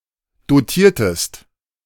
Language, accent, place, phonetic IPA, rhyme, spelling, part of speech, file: German, Germany, Berlin, [doˈtiːɐ̯təst], -iːɐ̯təst, dotiertest, verb, De-dotiertest.ogg
- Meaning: inflection of dotieren: 1. second-person singular preterite 2. second-person singular subjunctive II